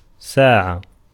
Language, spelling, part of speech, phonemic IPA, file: Arabic, ساعة, noun, /saː.ʕa/, Ar-ساعة.ogg
- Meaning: 1. hour (unit of time) 2. short time, a while 3. timepiece, clock, watch 4. judgement day